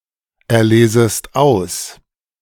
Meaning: second-person singular subjunctive I of auserlesen
- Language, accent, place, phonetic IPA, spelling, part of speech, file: German, Germany, Berlin, [ɛɐ̯ˌleːzəst ˈaʊ̯s], erlesest aus, verb, De-erlesest aus.ogg